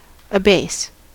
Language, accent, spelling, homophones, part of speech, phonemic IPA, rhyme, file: English, General American, abase, abaisse, verb, /əˈbeɪs/, -eɪs, En-us-abase.ogg
- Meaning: To lower, as in condition in life, office, rank, etc., so as to cause pain or hurt feelings; to degrade, to depress, to humble, to humiliate